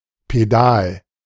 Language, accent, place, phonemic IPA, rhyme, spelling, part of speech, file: German, Germany, Berlin, /peˈdaːl/, -aːl, Pedal, noun, De-Pedal.ogg
- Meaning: pedal